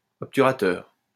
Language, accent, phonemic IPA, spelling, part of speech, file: French, France, /ɔp.ty.ʁa.tœʁ/, obturateur, noun, LL-Q150 (fra)-obturateur.wav
- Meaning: shutter